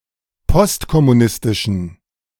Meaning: inflection of postkommunistisch: 1. strong genitive masculine/neuter singular 2. weak/mixed genitive/dative all-gender singular 3. strong/weak/mixed accusative masculine singular
- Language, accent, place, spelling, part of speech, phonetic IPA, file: German, Germany, Berlin, postkommunistischen, adjective, [ˈpɔstkɔmuˌnɪstɪʃn̩], De-postkommunistischen.ogg